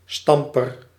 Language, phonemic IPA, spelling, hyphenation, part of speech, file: Dutch, /ˈstɑm.pər/, stamper, stam‧per, noun, Nl-stamper.ogg
- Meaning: 1. agent noun of stampen: one who stamps, pounds or presses 2. pistil (reproductive organ of certain plants) 3. pestle (stick used for crushing and grinding) 4. ramrod, gunstick